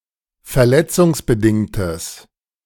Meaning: strong/mixed nominative/accusative neuter singular of verletzungsbedingt
- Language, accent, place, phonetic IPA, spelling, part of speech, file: German, Germany, Berlin, [fɛɐ̯ˈlɛt͡sʊŋsbəˌdɪŋtəs], verletzungsbedingtes, adjective, De-verletzungsbedingtes.ogg